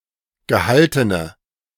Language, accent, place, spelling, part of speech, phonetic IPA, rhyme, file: German, Germany, Berlin, gehaltene, adjective, [ɡəˈhaltənə], -altənə, De-gehaltene.ogg
- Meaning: inflection of gehalten: 1. strong/mixed nominative/accusative feminine singular 2. strong nominative/accusative plural 3. weak nominative all-gender singular